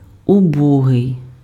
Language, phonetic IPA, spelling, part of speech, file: Ukrainian, [ʊˈbɔɦei̯], убогий, adjective / noun, Uk-убогий.ogg
- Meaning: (adjective) poor; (noun) 1. pauper 2. disabled person, cripple